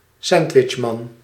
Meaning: sandwichman
- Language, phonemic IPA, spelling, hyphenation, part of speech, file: Dutch, /ˈsɛnd.ʋɪtʃˌmɑn/, sandwichman, sand‧wich‧man, noun, Nl-sandwichman.ogg